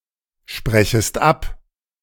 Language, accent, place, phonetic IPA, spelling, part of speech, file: German, Germany, Berlin, [ˌʃpʁɛçəst ˈap], sprechest ab, verb, De-sprechest ab.ogg
- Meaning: second-person singular subjunctive I of absprechen